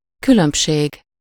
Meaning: difference
- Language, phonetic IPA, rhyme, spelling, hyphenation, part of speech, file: Hungarian, [ˈkylømpʃeːɡ], -eːɡ, különbség, kü‧lönb‧ség, noun, Hu-különbség.ogg